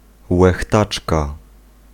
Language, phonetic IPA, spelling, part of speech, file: Polish, [wɛxˈtat͡ʃka], łechtaczka, noun, Pl-łechtaczka.ogg